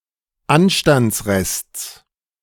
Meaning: genitive singular of Anstandsrest
- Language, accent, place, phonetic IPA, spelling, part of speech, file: German, Germany, Berlin, [ˈanʃtant͡sˌʁɛst͡s], Anstandsrests, noun, De-Anstandsrests.ogg